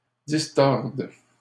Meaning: second-person singular present subjunctive of distordre
- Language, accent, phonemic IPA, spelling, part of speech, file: French, Canada, /dis.tɔʁd/, distordes, verb, LL-Q150 (fra)-distordes.wav